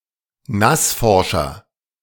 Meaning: 1. comparative degree of nassforsch 2. inflection of nassforsch: strong/mixed nominative masculine singular 3. inflection of nassforsch: strong genitive/dative feminine singular
- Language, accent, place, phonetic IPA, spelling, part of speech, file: German, Germany, Berlin, [ˈnasˌfɔʁʃɐ], nassforscher, adjective, De-nassforscher.ogg